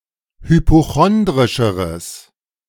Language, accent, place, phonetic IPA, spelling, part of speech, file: German, Germany, Berlin, [hypoˈxɔndʁɪʃəʁəs], hypochondrischeres, adjective, De-hypochondrischeres.ogg
- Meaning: strong/mixed nominative/accusative neuter singular comparative degree of hypochondrisch